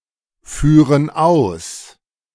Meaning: inflection of ausführen: 1. first/third-person plural present 2. first/third-person plural subjunctive I
- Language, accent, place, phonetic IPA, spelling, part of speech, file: German, Germany, Berlin, [ˌfyːʁən ˈaʊ̯s], führen aus, verb, De-führen aus.ogg